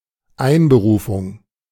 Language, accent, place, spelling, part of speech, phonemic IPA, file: German, Germany, Berlin, Einberufung, noun, /ˈaɪ̯nbəruːfʊŋ/, De-Einberufung.ogg
- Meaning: 1. call-up papers, conscription 2. calling